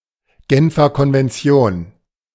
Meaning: Geneva Convention (international treaty)
- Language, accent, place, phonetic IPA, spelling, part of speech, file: German, Germany, Berlin, [ˌɡɛnfɐ kɔnvɛnˈt͡si̯oːn], Genfer Konvention, phrase, De-Genfer Konvention.ogg